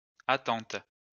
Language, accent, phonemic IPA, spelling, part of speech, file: French, France, /a.tɑ̃t/, attentes, noun, LL-Q150 (fra)-attentes.wav
- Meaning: plural of attente